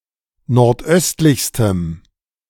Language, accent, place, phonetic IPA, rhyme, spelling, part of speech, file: German, Germany, Berlin, [nɔʁtˈʔœstlɪçstəm], -œstlɪçstəm, nordöstlichstem, adjective, De-nordöstlichstem.ogg
- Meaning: strong dative masculine/neuter singular superlative degree of nordöstlich